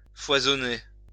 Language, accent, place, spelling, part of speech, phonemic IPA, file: French, France, Lyon, foisonner, verb, /fwa.zɔ.ne/, LL-Q150 (fra)-foisonner.wav
- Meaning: 1. to abound, to be plentiful, to teem (with) 2. to breed, multiply (said of various types of animals)